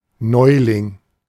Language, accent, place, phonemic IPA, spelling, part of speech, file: German, Germany, Berlin, /ˈnɔɪ̯lɪŋ/, Neuling, noun, De-Neuling.ogg
- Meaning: newcomer, newbie, rookie, novice, fledgling (beginner)